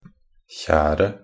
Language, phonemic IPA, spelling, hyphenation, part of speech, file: Norwegian Bokmål, /ˈçæːrə/, kjeret, kjer‧et, noun, Nb-kjeret.ogg
- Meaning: definite singular of kjer